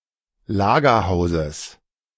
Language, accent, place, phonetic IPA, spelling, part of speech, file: German, Germany, Berlin, [ˈlaːɡɐˌhaʊ̯zəs], Lagerhauses, noun, De-Lagerhauses.ogg
- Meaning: genitive singular of Lagerhaus